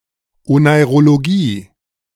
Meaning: oneirology
- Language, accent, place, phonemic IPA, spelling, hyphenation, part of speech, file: German, Germany, Berlin, /onaɪ̯ʁoloˈɡiː/, Oneirologie, Onei‧ro‧lo‧gie, noun, De-Oneirologie.ogg